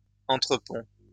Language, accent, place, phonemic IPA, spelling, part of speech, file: French, France, Lyon, /ɑ̃.tʁə.pɔ̃/, entrepont, noun, LL-Q150 (fra)-entrepont.wav
- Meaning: steerage (section of a passenger ship)